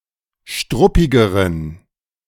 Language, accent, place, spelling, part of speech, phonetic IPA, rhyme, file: German, Germany, Berlin, struppigeren, adjective, [ˈʃtʁʊpɪɡəʁən], -ʊpɪɡəʁən, De-struppigeren.ogg
- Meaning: inflection of struppig: 1. strong genitive masculine/neuter singular comparative degree 2. weak/mixed genitive/dative all-gender singular comparative degree